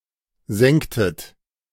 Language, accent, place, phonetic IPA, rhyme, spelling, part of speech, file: German, Germany, Berlin, [ˈzɛŋtət], -ɛŋtət, sengtet, verb, De-sengtet.ogg
- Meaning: inflection of sengen: 1. second-person plural preterite 2. second-person plural subjunctive II